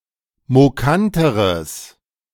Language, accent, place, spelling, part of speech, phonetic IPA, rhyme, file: German, Germany, Berlin, mokanteres, adjective, [moˈkantəʁəs], -antəʁəs, De-mokanteres.ogg
- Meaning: strong/mixed nominative/accusative neuter singular comparative degree of mokant